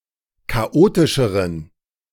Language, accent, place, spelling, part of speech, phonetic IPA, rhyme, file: German, Germany, Berlin, chaotischeren, adjective, [kaˈʔoːtɪʃəʁən], -oːtɪʃəʁən, De-chaotischeren.ogg
- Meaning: inflection of chaotisch: 1. strong genitive masculine/neuter singular comparative degree 2. weak/mixed genitive/dative all-gender singular comparative degree